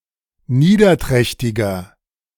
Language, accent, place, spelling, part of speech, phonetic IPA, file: German, Germany, Berlin, niederträchtiger, adjective, [ˈniːdɐˌtʁɛçtɪɡɐ], De-niederträchtiger.ogg
- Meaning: 1. comparative degree of niederträchtig 2. inflection of niederträchtig: strong/mixed nominative masculine singular 3. inflection of niederträchtig: strong genitive/dative feminine singular